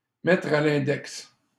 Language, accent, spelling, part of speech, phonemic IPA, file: French, Canada, mettre à l'index, verb, /mɛtʁ a l‿ɛ̃.dɛks/, LL-Q150 (fra)-mettre à l'index.wav
- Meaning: to blacklist, to name and shame, to condemn